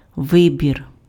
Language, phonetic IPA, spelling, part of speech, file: Ukrainian, [ˈʋɪbʲir], вибір, noun, Uk-вибір.ogg
- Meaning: choice, selection